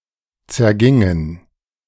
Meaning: inflection of zergehen: 1. first/third-person plural preterite 2. first/third-person plural subjunctive II
- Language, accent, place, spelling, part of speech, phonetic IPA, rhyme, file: German, Germany, Berlin, zergingen, verb, [t͡sɛɐ̯ˈɡɪŋən], -ɪŋən, De-zergingen.ogg